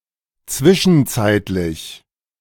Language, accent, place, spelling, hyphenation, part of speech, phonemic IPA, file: German, Germany, Berlin, zwischenzeitlich, zwi‧schen‧zeit‧lich, adjective / adverb, /ˈt͡svɪʃn̩ˌt͡saɪ̯tlɪç/, De-zwischenzeitlich.ogg
- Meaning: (adjective) interim; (adverb) meanwhile, in the meantime